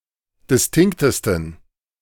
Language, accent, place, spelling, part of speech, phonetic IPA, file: German, Germany, Berlin, distinktesten, adjective, [dɪsˈtɪŋktəstn̩], De-distinktesten.ogg
- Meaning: 1. superlative degree of distinkt 2. inflection of distinkt: strong genitive masculine/neuter singular superlative degree